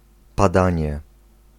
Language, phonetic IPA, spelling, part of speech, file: Polish, [paˈdãɲɛ], padanie, noun, Pl-padanie.ogg